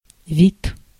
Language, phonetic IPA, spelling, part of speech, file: Russian, [vʲit], вид, noun, Ru-вид.ogg
- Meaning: 1. look, looks, appearance, air 2. sight, view 3. kind, sort, species 4. form 5. aspect